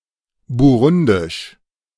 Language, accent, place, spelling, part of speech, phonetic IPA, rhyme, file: German, Germany, Berlin, burundisch, adjective, [buˈʁʊndɪʃ], -ʊndɪʃ, De-burundisch.ogg
- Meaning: of Burundi; Burundian